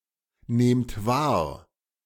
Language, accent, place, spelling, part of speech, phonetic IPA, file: German, Germany, Berlin, nehmt wahr, verb, [ˌneːmt ˈvaːɐ̯], De-nehmt wahr.ogg
- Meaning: inflection of wahrnehmen: 1. second-person plural present 2. plural imperative